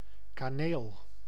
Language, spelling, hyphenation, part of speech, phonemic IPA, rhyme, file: Dutch, kaneel, ka‧neel, noun, /kaːˈneːl/, -eːl, Nl-kaneel.ogg
- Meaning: cinnamon (spice)